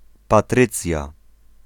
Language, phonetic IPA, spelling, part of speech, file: Polish, [paˈtrɨt͡sʲja], Patrycja, proper noun, Pl-Patrycja.ogg